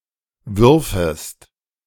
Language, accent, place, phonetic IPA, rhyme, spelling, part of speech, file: German, Germany, Berlin, [ˈvʏʁfəst], -ʏʁfəst, würfest, verb, De-würfest.ogg
- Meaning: second-person singular subjunctive II of werfen